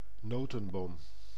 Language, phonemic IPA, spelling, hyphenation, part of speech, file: Dutch, /ˈnoːtə(n)boːm/, notenboom, no‧ten‧boom, noun, Nl-notenboom.ogg
- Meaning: nut tree, especially walnut tree